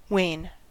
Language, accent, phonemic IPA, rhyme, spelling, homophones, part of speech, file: English, US, /weɪn/, -eɪn, wane, wain / Wain / Waine, noun / verb, En-us-wane.ogg
- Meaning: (noun) A gradual diminution in power, value, intensity etc